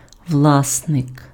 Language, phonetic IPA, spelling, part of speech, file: Ukrainian, [ˈwɫasnek], власник, noun, Uk-власник.ogg
- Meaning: owner, possessor, proprietor